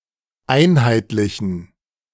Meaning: inflection of einheitlich: 1. strong genitive masculine/neuter singular 2. weak/mixed genitive/dative all-gender singular 3. strong/weak/mixed accusative masculine singular 4. strong dative plural
- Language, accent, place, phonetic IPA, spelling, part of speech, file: German, Germany, Berlin, [ˈaɪ̯nhaɪ̯tlɪçn̩], einheitlichen, adjective, De-einheitlichen.ogg